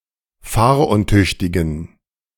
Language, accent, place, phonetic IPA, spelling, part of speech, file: German, Germany, Berlin, [ˈfaːɐ̯ʔʊnˌtʏçtɪɡn̩], fahruntüchtigen, adjective, De-fahruntüchtigen.ogg
- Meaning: inflection of fahruntüchtig: 1. strong genitive masculine/neuter singular 2. weak/mixed genitive/dative all-gender singular 3. strong/weak/mixed accusative masculine singular 4. strong dative plural